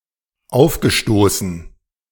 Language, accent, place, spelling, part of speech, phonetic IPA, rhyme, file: German, Germany, Berlin, aufgestoßen, verb, [ˈaʊ̯fɡəˌʃtoːsn̩], -aʊ̯fɡəʃtoːsn̩, De-aufgestoßen.ogg
- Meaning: past participle of aufstoßen